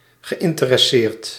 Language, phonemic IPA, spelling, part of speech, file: Dutch, /ɣəˌʔɪntərɛˈsert/, geïnteresseerd, verb, Nl-geïnteresseerd.ogg
- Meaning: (adjective) interested; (verb) past participle of interesseren